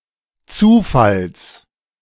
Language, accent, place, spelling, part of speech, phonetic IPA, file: German, Germany, Berlin, Zufalls, noun, [ˈt͡suːˌfals], De-Zufalls.ogg
- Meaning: genitive singular of Zufall